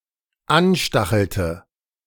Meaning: inflection of anstacheln: 1. first/third-person singular dependent preterite 2. first/third-person singular dependent subjunctive II
- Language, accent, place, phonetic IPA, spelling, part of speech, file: German, Germany, Berlin, [ˈanˌʃtaxl̩tə], anstachelte, verb, De-anstachelte.ogg